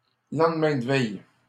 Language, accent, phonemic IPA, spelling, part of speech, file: French, Canada, /lɑ̃d.mɛ̃ d(ə) vɛj/, lendemain de veille, noun, LL-Q150 (fra)-lendemain de veille.wav
- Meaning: the morning after (the day after a binge, generally characterised by a hangover)